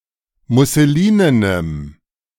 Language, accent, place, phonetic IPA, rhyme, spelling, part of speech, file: German, Germany, Berlin, [mʊsəˈliːnənəm], -iːnənəm, musselinenem, adjective, De-musselinenem.ogg
- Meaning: strong dative masculine/neuter singular of musselinen